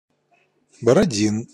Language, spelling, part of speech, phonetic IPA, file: Russian, Бородин, proper noun, [bərɐˈdʲin], Ru-Бородин.ogg
- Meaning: a surname, Borodin